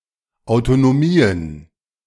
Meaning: plural of Autotomie
- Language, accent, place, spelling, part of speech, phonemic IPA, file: German, Germany, Berlin, Autotomien, noun, /aʊ̯totoˈmiːən/, De-Autotomien.ogg